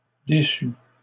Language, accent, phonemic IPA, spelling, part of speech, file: French, Canada, /de.sy/, déçut, verb, LL-Q150 (fra)-déçut.wav
- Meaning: third-person singular past historic of décevoir